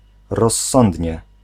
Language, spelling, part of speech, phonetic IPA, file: Polish, rozsądnie, adverb, [rɔsˈːɔ̃ndʲɲɛ], Pl-rozsądnie.ogg